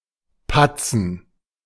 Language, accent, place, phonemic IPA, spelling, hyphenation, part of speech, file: German, Germany, Berlin, /pat͡sən/, patzen, pat‧zen, verb, De-patzen.ogg
- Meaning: 1. to blunder 2. to drip, to spill (cause a liquid or mushy substance to fall in irregular drops)